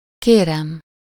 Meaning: 1. first-person singular indicative present definite of kér 2. please 3. no problem, you are welcome (as a response to “Thank you!”)
- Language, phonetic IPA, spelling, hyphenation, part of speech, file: Hungarian, [ˈkeːrɛm], kérem, ké‧rem, verb, Hu-kérem.ogg